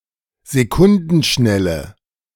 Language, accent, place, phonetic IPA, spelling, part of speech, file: German, Germany, Berlin, [zeˈkʊndn̩ˌʃnɛlə], sekundenschnelle, adjective, De-sekundenschnelle.ogg
- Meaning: inflection of sekundenschnell: 1. strong/mixed nominative/accusative feminine singular 2. strong nominative/accusative plural 3. weak nominative all-gender singular